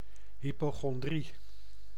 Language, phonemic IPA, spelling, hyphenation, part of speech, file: Dutch, /ˌɦipoːxɔnˈdri/, hypochondrie, hy‧po‧chon‧drie, noun, Nl-hypochondrie.ogg
- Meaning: hypochondriasis (excessive fear of or preoccupation with a serious illness)